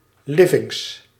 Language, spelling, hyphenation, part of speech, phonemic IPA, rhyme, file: Dutch, livings, li‧vings, noun, /ˈlɪ.vɪŋs/, -ɪvɪŋs, Nl-livings.ogg
- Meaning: plural of living